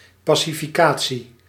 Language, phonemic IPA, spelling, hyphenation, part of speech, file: Dutch, /ˌpaː.si.fiˈkaː.(t)si/, pacificatie, pa‧ci‧fi‧ca‧tie, noun, Nl-pacificatie.ogg
- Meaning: pacification